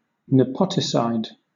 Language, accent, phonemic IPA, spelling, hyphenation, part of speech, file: English, Southern England, /nəˈpɒtɪsaɪd/, nepoticide, ne‧po‧ti‧cide, noun, LL-Q1860 (eng)-nepoticide.wav
- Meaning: 1. The killing of one's own nephew 2. One who kills his or her own nephew